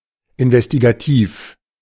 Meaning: investigative
- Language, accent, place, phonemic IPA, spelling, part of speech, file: German, Germany, Berlin, /ɪnvɛstiɡaˈtiːf/, investigativ, adjective, De-investigativ.ogg